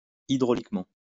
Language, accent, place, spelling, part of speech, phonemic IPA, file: French, France, Lyon, hydrauliquement, adverb, /i.dʁo.lik.mɑ̃/, LL-Q150 (fra)-hydrauliquement.wav
- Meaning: hydraulically